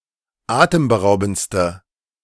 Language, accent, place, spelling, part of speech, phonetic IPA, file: German, Germany, Berlin, atemberaubendste, adjective, [ˈaːtəmbəˌʁaʊ̯bn̩t͡stə], De-atemberaubendste.ogg
- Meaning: inflection of atemberaubend: 1. strong/mixed nominative/accusative feminine singular superlative degree 2. strong nominative/accusative plural superlative degree